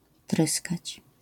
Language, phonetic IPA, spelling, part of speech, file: Polish, [ˈtrɨskat͡ɕ], tryskać, verb, LL-Q809 (pol)-tryskać.wav